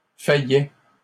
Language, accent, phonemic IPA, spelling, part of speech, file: French, Canada, /fa.jɛ/, faillait, verb, LL-Q150 (fra)-faillait.wav
- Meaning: third-person singular imperfect indicative of faillir